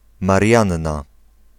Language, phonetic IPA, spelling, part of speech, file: Polish, [marʲˈjãnːa], Marianna, proper noun, Pl-Marianna.ogg